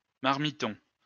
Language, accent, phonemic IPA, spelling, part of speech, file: French, France, /maʁ.mi.tɔ̃/, marmiton, noun, LL-Q150 (fra)-marmiton.wav
- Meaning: marmiton